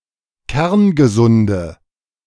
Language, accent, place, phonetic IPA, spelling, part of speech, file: German, Germany, Berlin, [ˈkɛʁnɡəˌzʊndə], kerngesunde, adjective, De-kerngesunde.ogg
- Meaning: inflection of kerngesund: 1. strong/mixed nominative/accusative feminine singular 2. strong nominative/accusative plural 3. weak nominative all-gender singular